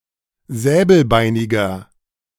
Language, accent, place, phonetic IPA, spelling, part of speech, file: German, Germany, Berlin, [ˈzɛːbl̩ˌbaɪ̯nɪɡɐ], säbelbeiniger, adjective, De-säbelbeiniger.ogg
- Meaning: inflection of säbelbeinig: 1. strong/mixed nominative masculine singular 2. strong genitive/dative feminine singular 3. strong genitive plural